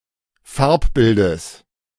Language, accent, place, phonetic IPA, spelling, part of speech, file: German, Germany, Berlin, [ˈfaʁpˌbɪldəs], Farbbildes, noun, De-Farbbildes.ogg
- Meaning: genitive of Farbbild